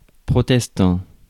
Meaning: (adjective) Protestant; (verb) present participle of protester; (noun) Protestant (person)
- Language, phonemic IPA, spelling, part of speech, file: French, /pʁɔ.tɛs.tɑ̃/, protestant, adjective / verb / noun, Fr-protestant.ogg